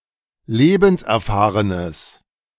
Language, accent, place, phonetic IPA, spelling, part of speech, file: German, Germany, Berlin, [ˈleːbn̩sʔɛɐ̯ˌfaːʁənəs], lebenserfahrenes, adjective, De-lebenserfahrenes.ogg
- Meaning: strong/mixed nominative/accusative neuter singular of lebenserfahren